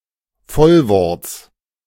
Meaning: genitive singular of Vollwort
- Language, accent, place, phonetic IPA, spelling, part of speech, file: German, Germany, Berlin, [ˈfɔlvɔʁt͡s], Vollworts, noun, De-Vollworts.ogg